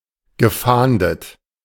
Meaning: past participle of fahnden
- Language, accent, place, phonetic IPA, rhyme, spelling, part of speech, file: German, Germany, Berlin, [ɡəˈfaːndət], -aːndət, gefahndet, verb, De-gefahndet.ogg